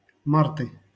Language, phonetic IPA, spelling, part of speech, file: Russian, [ˈmartɨ], марты, noun, LL-Q7737 (rus)-марты.wav
- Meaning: nominative/accusative plural of март (mart)